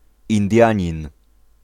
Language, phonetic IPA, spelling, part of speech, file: Polish, [ĩnˈdʲjä̃ɲĩn], Indianin, noun / proper noun, Pl-Indianin.ogg